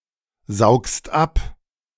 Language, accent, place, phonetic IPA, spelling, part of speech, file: German, Germany, Berlin, [ˌzaʊ̯kst ˈap], saugst ab, verb, De-saugst ab.ogg
- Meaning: second-person singular present of absaugen